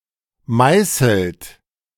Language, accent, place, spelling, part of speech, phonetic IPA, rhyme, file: German, Germany, Berlin, meißelt, verb, [ˈmaɪ̯sl̩t], -aɪ̯sl̩t, De-meißelt.ogg
- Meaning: inflection of meißeln: 1. third-person singular present 2. second-person plural present 3. plural imperative